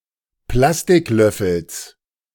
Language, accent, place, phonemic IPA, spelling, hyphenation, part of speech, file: German, Germany, Berlin, /ˈplastɪkˌlœfl̩s/, Plastiklöffels, Plas‧tik‧löf‧fels, noun, De-Plastiklöffels.ogg
- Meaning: genitive singular of Plastiklöffel